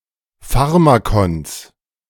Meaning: genitive singular of Pharmakon
- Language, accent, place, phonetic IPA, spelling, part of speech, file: German, Germany, Berlin, [ˈfaʁmakɔns], Pharmakons, noun, De-Pharmakons.ogg